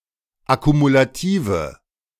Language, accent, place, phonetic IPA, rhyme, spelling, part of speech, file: German, Germany, Berlin, [akumulaˈtiːvə], -iːvə, akkumulative, adjective, De-akkumulative.ogg
- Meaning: inflection of akkumulativ: 1. strong/mixed nominative/accusative feminine singular 2. strong nominative/accusative plural 3. weak nominative all-gender singular